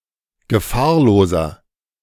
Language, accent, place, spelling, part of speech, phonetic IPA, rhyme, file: German, Germany, Berlin, gefahrloser, adjective, [ɡəˈfaːɐ̯loːzɐ], -aːɐ̯loːzɐ, De-gefahrloser.ogg
- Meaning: 1. comparative degree of gefahrlos 2. inflection of gefahrlos: strong/mixed nominative masculine singular 3. inflection of gefahrlos: strong genitive/dative feminine singular